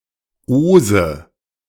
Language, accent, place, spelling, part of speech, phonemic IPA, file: German, Germany, Berlin, -ose, suffix, /-oːzə/, De--ose.ogg
- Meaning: 1. -osis 2. -ose